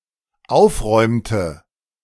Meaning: inflection of aufräumen: 1. first/third-person singular dependent preterite 2. first/third-person singular dependent subjunctive II
- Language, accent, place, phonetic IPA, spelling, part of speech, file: German, Germany, Berlin, [ˈaʊ̯fˌʁɔɪ̯mtə], aufräumte, verb, De-aufräumte.ogg